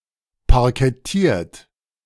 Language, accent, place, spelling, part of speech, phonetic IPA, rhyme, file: German, Germany, Berlin, parkettiert, verb, [paʁkɛˈtiːɐ̯t], -iːɐ̯t, De-parkettiert.ogg
- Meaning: 1. past participle of parkettieren 2. inflection of parkettieren: third-person singular present 3. inflection of parkettieren: second-person plural present